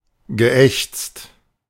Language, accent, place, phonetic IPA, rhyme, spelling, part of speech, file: German, Germany, Berlin, [ɡəˈʔɛçt͡st], -ɛçt͡st, geächzt, verb, De-geächzt.ogg
- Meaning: past participle of ächzen